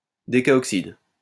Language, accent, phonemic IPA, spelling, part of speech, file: French, France, /de.ka.ɔk.sid/, décaoxyde, noun, LL-Q150 (fra)-décaoxyde.wav
- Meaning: decaoxide